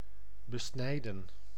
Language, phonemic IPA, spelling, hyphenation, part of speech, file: Dutch, /bəˈsnɛi̯də(n)/, besnijden, be‧snij‧den, verb, Nl-besnijden.ogg
- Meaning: to circumcise